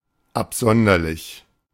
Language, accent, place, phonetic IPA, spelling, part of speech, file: German, Germany, Berlin, [apˈzɔndɐlɪç], absonderlich, adjective, De-absonderlich.ogg
- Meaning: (adjective) weird, odd, strange, peculiar, preposterous, nerdy, outlandish; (adverb) strangely, peculiarly, outlandishly